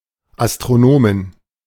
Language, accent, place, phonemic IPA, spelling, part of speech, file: German, Germany, Berlin, /astʁoˈnoːmɪn/, Astronomin, noun, De-Astronomin.ogg
- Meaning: female astronomer